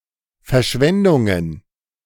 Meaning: plural of Verschwendung
- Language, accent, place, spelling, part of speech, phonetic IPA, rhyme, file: German, Germany, Berlin, Verschwendungen, noun, [fɛɐ̯ˈʃvɛndʊŋən], -ɛndʊŋən, De-Verschwendungen.ogg